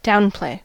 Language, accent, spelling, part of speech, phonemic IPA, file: English, US, downplay, verb, /ˈdaʊ̯nˌpleɪ̯/, En-us-downplay.ogg
- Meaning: To de-emphasize; to present or portray as less important or consequential